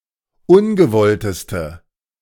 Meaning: inflection of ungewollt: 1. strong/mixed nominative/accusative feminine singular superlative degree 2. strong nominative/accusative plural superlative degree
- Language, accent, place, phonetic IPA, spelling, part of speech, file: German, Germany, Berlin, [ˈʊnɡəˌvɔltəstə], ungewollteste, adjective, De-ungewollteste.ogg